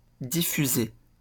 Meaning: 1. to diffuse 2. to broadcast
- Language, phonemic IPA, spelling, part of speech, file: French, /di.fy.ze/, diffuser, verb, LL-Q150 (fra)-diffuser.wav